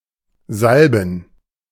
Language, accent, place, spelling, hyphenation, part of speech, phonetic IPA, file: German, Germany, Berlin, salben, sal‧ben, verb, [ˈzalbm̩], De-salben.ogg
- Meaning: 1. to salve 2. to anoint